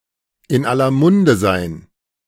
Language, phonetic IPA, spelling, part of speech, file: German, [ɪn ˈalɐ ˈmʊndə zaɪ̯n], in aller Munde sein, phrase, De-in aller Munde sein.ogg